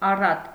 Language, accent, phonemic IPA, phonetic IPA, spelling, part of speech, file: Armenian, Eastern Armenian, /ɑˈrɑt/, [ɑrɑ́t], առատ, adjective / adverb, Hy-առատ.ogg
- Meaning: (adjective) abundant, abounding, plentiful, copious; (adverb) abundantly, aboundingly, plentifully, copiously